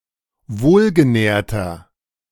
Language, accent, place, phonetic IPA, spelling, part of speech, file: German, Germany, Berlin, [ˈvoːlɡəˌnɛːɐ̯tɐ], wohlgenährter, adjective, De-wohlgenährter.ogg
- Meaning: 1. comparative degree of wohlgenährt 2. inflection of wohlgenährt: strong/mixed nominative masculine singular 3. inflection of wohlgenährt: strong genitive/dative feminine singular